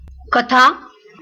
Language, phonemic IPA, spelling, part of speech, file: Marathi, /kə.t̪ʰa/, कथा, noun, LL-Q1571 (mar)-कथा.wav
- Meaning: story